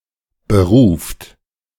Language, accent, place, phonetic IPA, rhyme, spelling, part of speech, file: German, Germany, Berlin, [bəˈʁuːft], -uːft, beruft, verb, De-beruft.ogg
- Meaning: inflection of berufen: 1. third-person singular present 2. second-person plural present 3. plural imperative